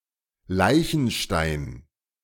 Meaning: tombstone (stone on grave)
- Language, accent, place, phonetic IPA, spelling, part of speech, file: German, Germany, Berlin, [ˈlaɪ̯çn̩ʃtaɪ̯n], Leichenstein, noun, De-Leichenstein.ogg